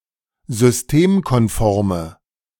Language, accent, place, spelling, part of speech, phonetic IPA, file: German, Germany, Berlin, systemkonforme, adjective, [zʏsˈteːmkɔnˌfɔʁmə], De-systemkonforme.ogg
- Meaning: inflection of systemkonform: 1. strong/mixed nominative/accusative feminine singular 2. strong nominative/accusative plural 3. weak nominative all-gender singular